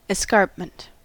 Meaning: A steep descent or declivity; steep face or edge of a ridge; ground about a fortified place, cut away nearly vertically to prevent hostile approach
- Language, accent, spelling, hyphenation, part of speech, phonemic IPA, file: English, US, escarpment, es‧carp‧ment, noun, /ɪˈskɑɹp.mənt/, En-us-escarpment.ogg